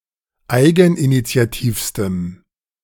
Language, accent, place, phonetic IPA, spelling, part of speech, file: German, Germany, Berlin, [ˈaɪ̯ɡn̩ʔinit͡si̯aˌtiːfstəm], eigeninitiativstem, adjective, De-eigeninitiativstem.ogg
- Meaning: strong dative masculine/neuter singular superlative degree of eigeninitiativ